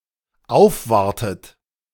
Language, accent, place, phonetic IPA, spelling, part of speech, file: German, Germany, Berlin, [ˈaʊ̯fˌvaʁtət], aufwartet, verb, De-aufwartet.ogg
- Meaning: inflection of aufwarten: 1. third-person singular dependent present 2. second-person plural dependent present 3. second-person plural dependent subjunctive I